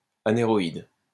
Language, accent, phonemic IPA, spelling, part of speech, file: French, France, /a.ne.ʁɔ.id/, anéroïde, adjective / noun, LL-Q150 (fra)-anéroïde.wav
- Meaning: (adjective) aneroid; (noun) an aneroid barometer